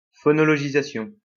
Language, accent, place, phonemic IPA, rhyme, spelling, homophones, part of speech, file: French, France, Lyon, /fɔ.nɔ.lɔ.ʒi.za.sjɔ̃/, -jɔ̃, phonologisation, phonologisations, noun, LL-Q150 (fra)-phonologisation.wav
- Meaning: phonologization